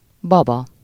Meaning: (noun) 1. doll (toy in the form of a human) 2. baby, infant (very young human child, particularly from birth until walking is mastered)
- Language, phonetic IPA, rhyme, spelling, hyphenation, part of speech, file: Hungarian, [ˈbɒbɒ], -bɒ, baba, ba‧ba, noun / adjective, Hu-baba.ogg